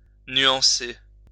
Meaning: to moderate, to qualify (e.g., an opinion)
- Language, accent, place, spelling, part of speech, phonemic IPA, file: French, France, Lyon, nuancer, verb, /nɥɑ̃.se/, LL-Q150 (fra)-nuancer.wav